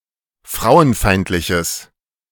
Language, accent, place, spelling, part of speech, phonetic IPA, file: German, Germany, Berlin, frauenfeindliches, adjective, [ˈfʁaʊ̯ənˌfaɪ̯ntlɪçəs], De-frauenfeindliches.ogg
- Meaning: strong/mixed nominative/accusative neuter singular of frauenfeindlich